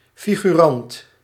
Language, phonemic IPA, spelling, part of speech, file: Dutch, /ˌfi.ɣyˈrɑnt/, figurant, noun, Nl-figurant.ogg
- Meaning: 1. extra 2. irrelevant person, bit player